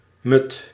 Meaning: an old measure of volume, varying in content over time and regions; nowadays usually 1 hectoliter
- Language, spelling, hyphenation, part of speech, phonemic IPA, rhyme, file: Dutch, mud, mud, noun, /mʏt/, -ʏt, Nl-mud.ogg